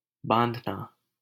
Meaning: 1. to tie 2. to fasten, bind, tie to something 3. to braid 4. to bind; to captivate 5. to fix, set
- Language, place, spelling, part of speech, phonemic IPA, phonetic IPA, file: Hindi, Delhi, बाँधना, verb, /bɑːnd̪ʱ.nɑː/, [bä̃ːn̪d̪ʱ.näː], LL-Q1568 (hin)-बाँधना.wav